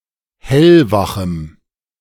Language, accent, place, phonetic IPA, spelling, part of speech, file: German, Germany, Berlin, [ˈhɛlvaxm̩], hellwachem, adjective, De-hellwachem.ogg
- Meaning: strong dative masculine/neuter singular of hellwach